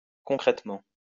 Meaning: concretely, solidly
- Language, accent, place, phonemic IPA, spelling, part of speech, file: French, France, Lyon, /kɔ̃.kʁɛt.mɑ̃/, concrètement, adverb, LL-Q150 (fra)-concrètement.wav